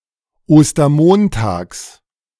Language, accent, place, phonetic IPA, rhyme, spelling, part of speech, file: German, Germany, Berlin, [ˌoːstɐˈmoːntaːks], -oːntaːks, Ostermontags, noun, De-Ostermontags.ogg
- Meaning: genitive singular of Ostermontag